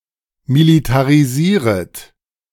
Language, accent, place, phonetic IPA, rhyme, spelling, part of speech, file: German, Germany, Berlin, [militaʁiˈziːʁət], -iːʁət, militarisieret, verb, De-militarisieret.ogg
- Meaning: second-person plural subjunctive I of militarisieren